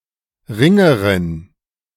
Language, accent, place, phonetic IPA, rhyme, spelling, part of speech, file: German, Germany, Berlin, [ˈʁɪŋəʁɪn], -ɪŋəʁɪn, Ringerin, noun, De-Ringerin.ogg
- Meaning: female equivalent of Ringer: female wrestler